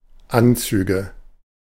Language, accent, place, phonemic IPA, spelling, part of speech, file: German, Germany, Berlin, /ˈʔantsyːɡə/, Anzüge, noun, De-Anzüge.ogg
- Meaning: nominative/accusative/genitive plural of Anzug